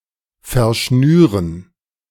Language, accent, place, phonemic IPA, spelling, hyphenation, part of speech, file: German, Germany, Berlin, /fɛɐ̯ˈʃnyːʁən/, verschnüren, ver‧schnü‧ren, verb, De-verschnüren.ogg
- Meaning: to tie up